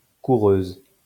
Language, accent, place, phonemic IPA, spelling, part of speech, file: French, France, Lyon, /ku.ʁøz/, coureuse, noun, LL-Q150 (fra)-coureuse.wav
- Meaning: female equivalent of coureur